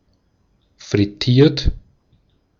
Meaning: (verb) past participle of frittieren; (adjective) fried; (verb) inflection of frittieren: 1. third-person singular present 2. second-person plural present 3. plural imperative
- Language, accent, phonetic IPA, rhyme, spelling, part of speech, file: German, Austria, [fʁɪˈtiːɐ̯t], -iːɐ̯t, frittiert, verb, De-at-frittiert.ogg